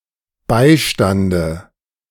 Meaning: dative singular of Beistand
- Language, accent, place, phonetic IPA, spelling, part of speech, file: German, Germany, Berlin, [ˈbaɪ̯ˌʃtandə], Beistande, noun, De-Beistande.ogg